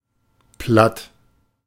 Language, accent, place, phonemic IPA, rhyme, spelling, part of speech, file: German, Germany, Berlin, /plat/, -at, platt, adjective, De-platt.ogg
- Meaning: 1. flat 2. completely destroyed, razed to the ground 3. bromidic, banal 4. very tired, exhausted 5. astonished, dumbstruck